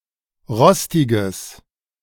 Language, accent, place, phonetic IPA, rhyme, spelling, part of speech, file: German, Germany, Berlin, [ˈʁɔstɪɡəs], -ɔstɪɡəs, rostiges, adjective, De-rostiges.ogg
- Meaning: strong/mixed nominative/accusative neuter singular of rostig